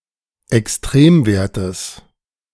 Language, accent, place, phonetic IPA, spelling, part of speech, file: German, Germany, Berlin, [ɛksˈtʁeːmˌveːɐ̯təs], Extremwertes, noun, De-Extremwertes.ogg
- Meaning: genitive singular of Extremwert